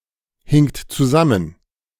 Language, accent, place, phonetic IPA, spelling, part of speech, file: German, Germany, Berlin, [ˌhɪŋt t͡suˈzamən], hingt zusammen, verb, De-hingt zusammen.ogg
- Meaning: second-person plural preterite of zusammenhängen